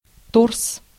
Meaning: 1. trunk 2. torso
- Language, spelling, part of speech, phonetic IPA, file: Russian, торс, noun, [tors], Ru-торс.ogg